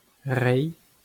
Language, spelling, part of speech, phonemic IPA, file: Breton, reiñ, verb, /ˈrɛĩ/, LL-Q12107 (bre)-reiñ.wav
- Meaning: to give